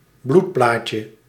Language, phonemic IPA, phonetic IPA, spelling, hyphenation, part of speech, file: Dutch, /ˈblutˌplaːtjə/, [ˈblutˌplaː.cə], bloedplaatje, bloed‧plaat‧je, noun, Nl-bloedplaatje.ogg
- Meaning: thrombocyte, platelet